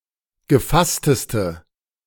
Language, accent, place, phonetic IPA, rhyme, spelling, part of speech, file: German, Germany, Berlin, [ɡəˈfastəstə], -astəstə, gefassteste, adjective, De-gefassteste.ogg
- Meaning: inflection of gefasst: 1. strong/mixed nominative/accusative feminine singular superlative degree 2. strong nominative/accusative plural superlative degree